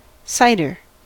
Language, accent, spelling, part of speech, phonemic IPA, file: English, US, cider, noun, /ˈsaɪ̯.dɚ/, En-us-cider.ogg
- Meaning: 1. An alcoholic, often sparkling (carbonated) beverage made from fermented apples 2. This or any similar alcoholic drink made from similar fruit, such as pears